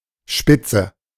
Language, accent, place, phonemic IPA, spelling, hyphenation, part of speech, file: German, Germany, Berlin, /ˈʃpɪt͡sə/, Spitze, Spit‧ze, noun, De-Spitze.ogg
- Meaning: 1. cusp 2. point, tip, peak 3. top, front, lead 4. spike 5. lace (textile pattern) 6. striker 7. leadership 8. a sarcastic remark, a jab